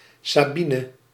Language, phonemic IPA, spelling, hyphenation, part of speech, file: Dutch, /saːˈbi.nə/, Sabine, Sa‧bi‧ne, proper noun, Nl-Sabine.ogg
- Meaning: a female given name, popular in the latter half of the twentieth century